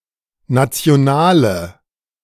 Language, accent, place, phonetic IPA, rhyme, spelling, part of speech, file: German, Germany, Berlin, [ˌnat͡si̯oˈnaːlə], -aːlə, nationale, adjective, De-nationale.ogg
- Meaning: inflection of national: 1. strong/mixed nominative/accusative feminine singular 2. strong nominative/accusative plural 3. weak nominative all-gender singular